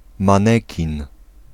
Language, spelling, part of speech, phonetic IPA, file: Polish, manekin, noun, [mãˈnɛcĩn], Pl-manekin.ogg